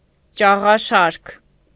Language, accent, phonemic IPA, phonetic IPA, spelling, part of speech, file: Armenian, Eastern Armenian, /t͡ʃɑʁɑˈʃɑɾkʰ/, [t͡ʃɑʁɑʃɑ́ɾkʰ], ճաղաշարք, noun, Hy-ճաղաշարք.ogg
- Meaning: alternative form of ճաղաշար (čaġašar)